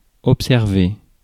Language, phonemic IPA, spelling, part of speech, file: French, /ɔp.sɛʁ.ve/, observer, verb, Fr-observer.ogg
- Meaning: 1. to observe, watch 2. to note, notice 3. to keep, maintain